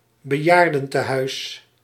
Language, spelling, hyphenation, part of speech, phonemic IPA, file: Dutch, bejaardentehuis, be‧jaar‧den‧te‧huis, noun, /bəˈjaːr.də(n).təˌɦœy̯s/, Nl-bejaardentehuis.ogg
- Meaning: retirement home, old people's home